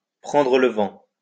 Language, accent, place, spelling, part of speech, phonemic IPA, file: French, France, Lyon, prendre le vent, verb, /pʁɑ̃.dʁə l(ə) vɑ̃/, LL-Q150 (fra)-prendre le vent.wav
- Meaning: 1. to catch the wind 2. to see which way the wind is blowing, to put one's finger to the wind, to sound out, to gauge, to put out feelers